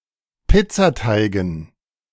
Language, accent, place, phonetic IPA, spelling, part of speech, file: German, Germany, Berlin, [ˈpɪt͡saˌtaɪ̯ɡn̩], Pizzateigen, noun, De-Pizzateigen.ogg
- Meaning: dative plural of Pizzateig